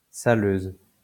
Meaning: 1. female equivalent of saleur 2. gritter (machine)
- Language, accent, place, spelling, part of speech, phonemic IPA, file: French, France, Lyon, saleuse, noun, /sa.løz/, LL-Q150 (fra)-saleuse.wav